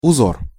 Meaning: pattern, design, tracery
- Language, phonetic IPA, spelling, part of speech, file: Russian, [ʊˈzor], узор, noun, Ru-узор.ogg